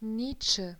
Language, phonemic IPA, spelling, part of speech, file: German, /ˈniːt͡ʃə/, Nietzsche, proper noun, De-Nietzsche.ogg
- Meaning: a surname